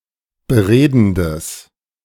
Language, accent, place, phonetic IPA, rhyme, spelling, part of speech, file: German, Germany, Berlin, [bəˈʁeːdn̩dəs], -eːdn̩dəs, beredendes, adjective, De-beredendes.ogg
- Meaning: strong/mixed nominative/accusative neuter singular of beredend